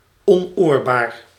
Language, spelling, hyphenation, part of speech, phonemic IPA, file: Dutch, onoorbaar, on‧oor‧baar, adjective, /ˌɔnˈoːr.baːr/, Nl-onoorbaar.ogg
- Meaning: indecent, improper